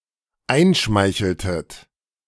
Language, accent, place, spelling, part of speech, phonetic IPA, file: German, Germany, Berlin, einschmeicheltet, verb, [ˈaɪ̯nˌʃmaɪ̯çl̩tət], De-einschmeicheltet.ogg
- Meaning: inflection of einschmeicheln: 1. second-person plural dependent preterite 2. second-person plural dependent subjunctive II